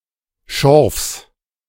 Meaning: genitive singular of Schorf
- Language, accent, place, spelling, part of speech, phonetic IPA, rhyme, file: German, Germany, Berlin, Schorfs, noun, [ʃɔʁfs], -ɔʁfs, De-Schorfs.ogg